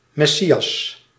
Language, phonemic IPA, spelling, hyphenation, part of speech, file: Dutch, /ˌmɛˈsi.ɑs/, messias, mes‧si‧as, noun, Nl-messias.ogg
- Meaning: messiah